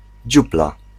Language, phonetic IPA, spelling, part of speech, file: Polish, [ˈd͡ʑupla], dziupla, noun, Pl-dziupla.ogg